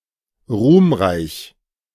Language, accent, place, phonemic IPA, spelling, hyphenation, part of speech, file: German, Germany, Berlin, /ˈʁuːmˌʁaɪ̯ç/, ruhmreich, ruhm‧reich, adjective, De-ruhmreich.ogg
- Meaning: glorious